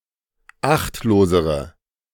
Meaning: inflection of achtlos: 1. strong/mixed nominative/accusative feminine singular comparative degree 2. strong nominative/accusative plural comparative degree
- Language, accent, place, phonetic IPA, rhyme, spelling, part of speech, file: German, Germany, Berlin, [ˈaxtloːzəʁə], -axtloːzəʁə, achtlosere, adjective, De-achtlosere.ogg